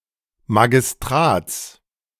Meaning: genitive singular of Magistrat
- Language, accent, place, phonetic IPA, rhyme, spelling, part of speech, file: German, Germany, Berlin, [maɡɪsˈtʁaːt͡s], -aːt͡s, Magistrats, noun, De-Magistrats.ogg